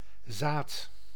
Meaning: 1. plant seed, either natural or for agri- or horticultural use 2. sperm, semen 3. a figurative seed, germ, modest start
- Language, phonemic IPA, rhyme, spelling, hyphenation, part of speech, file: Dutch, /zaːt/, -aːt, zaad, zaad, noun, Nl-zaad.ogg